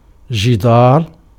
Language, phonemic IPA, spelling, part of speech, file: Arabic, /d͡ʒi.daːr/, جدار, noun, Ar-جدار.ogg
- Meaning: wall (division in a building)